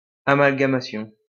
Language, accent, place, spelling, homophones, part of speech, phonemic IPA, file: French, France, Lyon, amalgamation, amalgamations, noun, /a.mal.ɡa.ma.sjɔ̃/, LL-Q150 (fra)-amalgamation.wav
- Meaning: amalgamation